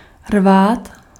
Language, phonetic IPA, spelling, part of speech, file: Czech, [ˈrvaːt], rvát, verb, Cs-rvát.ogg
- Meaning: 1. to tear, to rend 2. to yank, to jerk, to pull sharply 3. to pick, to collect fruit